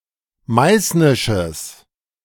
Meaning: strong/mixed nominative/accusative neuter singular of meißnisch
- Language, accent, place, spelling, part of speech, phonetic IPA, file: German, Germany, Berlin, meißnisches, adjective, [ˈmaɪ̯snɪʃəs], De-meißnisches.ogg